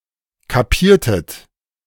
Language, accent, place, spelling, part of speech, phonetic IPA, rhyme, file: German, Germany, Berlin, kapiertet, verb, [kaˈpiːɐ̯tət], -iːɐ̯tət, De-kapiertet.ogg
- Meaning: inflection of kapieren: 1. second-person plural preterite 2. second-person plural subjunctive II